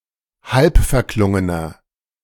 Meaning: inflection of halbverklungen: 1. strong/mixed nominative masculine singular 2. strong genitive/dative feminine singular 3. strong genitive plural
- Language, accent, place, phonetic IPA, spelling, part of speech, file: German, Germany, Berlin, [ˈhalpfɛɐ̯ˌklʊŋənɐ], halbverklungener, adjective, De-halbverklungener.ogg